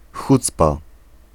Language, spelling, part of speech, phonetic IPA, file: Polish, hucpa, noun, [ˈxut͡spa], Pl-hucpa.ogg